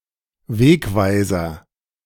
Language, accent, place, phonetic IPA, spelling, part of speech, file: German, Germany, Berlin, [ˈveːkˌvaɪ̯zɐ], Wegweiser, noun, De-Wegweiser.ogg
- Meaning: signpost